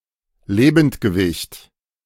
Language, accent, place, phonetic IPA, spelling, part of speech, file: German, Germany, Berlin, [ˈleːbn̩tɡəˌvɪçt], Lebendgewicht, noun, De-Lebendgewicht.ogg
- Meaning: live weight (weight of a living animal)